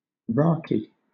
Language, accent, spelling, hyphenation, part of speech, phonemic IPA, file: English, Southern England, rakhi, ra‧khi, noun, /ˈɹɑːki/, LL-Q1860 (eng)-rakhi.wav
- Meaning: An ornamental cotton wristband tied by a girl or woman on to the wrist of her brother, or of one who takes on the responsibilities of a brother, particularly during the Raksha Bandhan festival